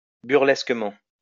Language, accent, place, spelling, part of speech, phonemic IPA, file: French, France, Lyon, burlesquement, adverb, /byʁ.lɛs.kə.mɑ̃/, LL-Q150 (fra)-burlesquement.wav
- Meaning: 1. comically 2. farcically